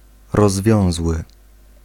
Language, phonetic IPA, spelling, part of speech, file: Polish, [rɔzˈvʲjɔ̃w̃zwɨ], rozwiązły, adjective, Pl-rozwiązły.ogg